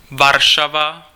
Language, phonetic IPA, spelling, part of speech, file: Czech, [ˈvarʃava], Varšava, proper noun, Cs-Varšava.ogg
- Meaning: Warsaw (the capital city of Poland)